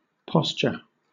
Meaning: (noun) 1. The way a person holds and positions their body 2. A situation or condition 3. One's attitude or the social or political position one takes towards an issue or another person
- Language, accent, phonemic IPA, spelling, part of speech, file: English, Southern England, /ˈpɒst͡ʃə/, posture, noun / verb, LL-Q1860 (eng)-posture.wav